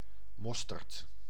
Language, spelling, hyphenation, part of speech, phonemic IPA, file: Dutch, mosterd, mos‧terd, noun, /ˈmɔs.tərt/, Nl-mosterd.ogg
- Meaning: mustard